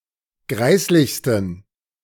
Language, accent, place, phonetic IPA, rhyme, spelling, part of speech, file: German, Germany, Berlin, [ˈɡʁaɪ̯slɪçstn̩], -aɪ̯slɪçstn̩, greislichsten, adjective, De-greislichsten.ogg
- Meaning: 1. superlative degree of greislich 2. inflection of greislich: strong genitive masculine/neuter singular superlative degree